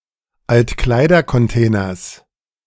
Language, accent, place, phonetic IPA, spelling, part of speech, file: German, Germany, Berlin, [ˈaltˌkluːɡə], altkluge, adjective, De-altkluge.ogg
- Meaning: inflection of altklug: 1. strong/mixed nominative/accusative feminine singular 2. strong nominative/accusative plural 3. weak nominative all-gender singular 4. weak accusative feminine/neuter singular